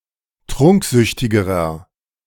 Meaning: inflection of trunksüchtig: 1. strong/mixed nominative masculine singular comparative degree 2. strong genitive/dative feminine singular comparative degree 3. strong genitive plural comparative degree
- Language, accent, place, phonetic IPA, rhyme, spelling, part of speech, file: German, Germany, Berlin, [ˈtʁʊŋkˌzʏçtɪɡəʁɐ], -ʊŋkzʏçtɪɡəʁɐ, trunksüchtigerer, adjective, De-trunksüchtigerer.ogg